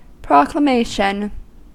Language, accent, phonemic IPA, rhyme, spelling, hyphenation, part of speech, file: English, US, /ˌpɹɑkləˈmeɪʃən/, -eɪʃən, proclamation, proc‧la‧ma‧tion, noun, En-us-proclamation.ogg
- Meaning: A statement which is proclaimed; formal a public announcement